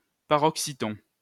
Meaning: paroxytone (having the stress or an acute accent on the penultimate syllable)
- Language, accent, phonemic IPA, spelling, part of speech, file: French, France, /pa.ʁɔk.si.tɔ̃/, paroxyton, adjective, LL-Q150 (fra)-paroxyton.wav